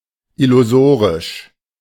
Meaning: 1. illusory (resulting from an illusion, not real) 2. unrealistic, pointless (very unlikely to come about and not worth counting on; of plans and future events)
- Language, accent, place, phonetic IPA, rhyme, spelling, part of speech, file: German, Germany, Berlin, [ɪluˈzoːʁɪʃ], -oːʁɪʃ, illusorisch, adjective, De-illusorisch.ogg